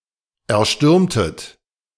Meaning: inflection of erstürmen: 1. second-person plural preterite 2. second-person plural subjunctive II
- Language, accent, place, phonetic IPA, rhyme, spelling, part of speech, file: German, Germany, Berlin, [ɛɐ̯ˈʃtʏʁmtət], -ʏʁmtət, erstürmtet, verb, De-erstürmtet.ogg